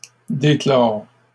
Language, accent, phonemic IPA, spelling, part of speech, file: French, Canada, /de.klɔʁ/, déclore, verb, LL-Q150 (fra)-déclore.wav
- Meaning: 1. to open, reopen (open something which was closed) 2. to uncover